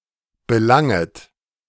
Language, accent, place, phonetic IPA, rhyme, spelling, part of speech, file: German, Germany, Berlin, [bəˈlaŋət], -aŋət, belanget, verb, De-belanget.ogg
- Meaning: second-person plural subjunctive I of belangen